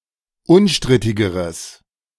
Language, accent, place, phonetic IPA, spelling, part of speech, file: German, Germany, Berlin, [ˈʊnˌʃtʁɪtɪɡəʁəs], unstrittigeres, adjective, De-unstrittigeres.ogg
- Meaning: strong/mixed nominative/accusative neuter singular comparative degree of unstrittig